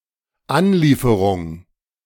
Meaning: delivery
- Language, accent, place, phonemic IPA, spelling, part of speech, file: German, Germany, Berlin, /anˈliːfəʁʊŋ/, Anlieferung, noun, De-Anlieferung.ogg